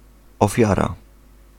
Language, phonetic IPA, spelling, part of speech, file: Polish, [ɔˈfʲjara], ofiara, noun, Pl-ofiara.ogg